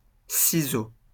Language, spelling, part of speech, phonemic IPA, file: French, ciseau, noun, /si.zo/, LL-Q150 (fra)-ciseau.wav
- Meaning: 1. chisel 2. sculpture 3. scissors 4. scissor kick